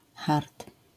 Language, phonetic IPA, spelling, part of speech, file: Polish, [xart], hart, noun, LL-Q809 (pol)-hart.wav